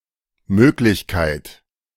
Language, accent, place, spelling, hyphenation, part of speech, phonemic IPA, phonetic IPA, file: German, Germany, Berlin, Möglichkeit, Mög‧lich‧keit, noun, /ˈmøːklɪçˌkaɪ̯t/, [ˈmøːklɪçˌkʰaɪ̯tʰ], De-Möglichkeit.ogg
- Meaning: 1. possibility, likelihood 2. option, choice